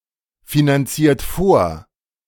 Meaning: inflection of vorfinanzieren: 1. second-person plural present 2. third-person singular present 3. plural imperative
- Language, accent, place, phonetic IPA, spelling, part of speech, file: German, Germany, Berlin, [finanˌt͡siːɐ̯t ˈfoːɐ̯], finanziert vor, verb, De-finanziert vor.ogg